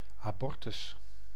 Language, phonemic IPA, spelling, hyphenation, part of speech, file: Dutch, /aːˈbɔr.tʏs/, abortus, abor‧tus, noun, Nl-abortus.ogg
- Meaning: 1. abortion, induced abortion 2. miscarriage, spontaneous abortion